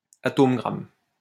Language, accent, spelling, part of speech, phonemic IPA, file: French, France, atome-gramme, noun, /a.tom.ɡʁam/, LL-Q150 (fra)-atome-gramme.wav
- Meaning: gram atom